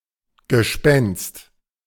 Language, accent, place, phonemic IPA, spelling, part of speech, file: German, Germany, Berlin, /ɡəˈʃpɛnst/, Gespenst, noun, De-Gespenst.ogg
- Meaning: ghost, spectre